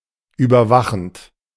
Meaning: present participle of überwachen
- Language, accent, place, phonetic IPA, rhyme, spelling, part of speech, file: German, Germany, Berlin, [ˌyːbɐˈvaxn̩t], -axn̩t, überwachend, verb, De-überwachend.ogg